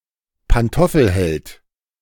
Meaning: a henpecked guy
- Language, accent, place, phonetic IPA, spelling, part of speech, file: German, Germany, Berlin, [panˈtɔfl̩ˌhɛlt], Pantoffelheld, noun, De-Pantoffelheld.ogg